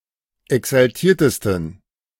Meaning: 1. superlative degree of exaltiert 2. inflection of exaltiert: strong genitive masculine/neuter singular superlative degree
- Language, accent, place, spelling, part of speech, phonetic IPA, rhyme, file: German, Germany, Berlin, exaltiertesten, adjective, [ɛksalˈtiːɐ̯təstn̩], -iːɐ̯təstn̩, De-exaltiertesten.ogg